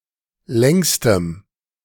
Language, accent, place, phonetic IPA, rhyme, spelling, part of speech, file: German, Germany, Berlin, [ˈlɛŋstəm], -ɛŋstəm, längstem, adjective, De-längstem.ogg
- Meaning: strong dative masculine/neuter singular superlative degree of lang